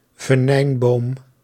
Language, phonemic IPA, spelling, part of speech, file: Dutch, /vəˈnɛimbom/, venijnboom, noun, Nl-venijnboom.ogg
- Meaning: synonym of taxus (“yew, Taxus baccata”)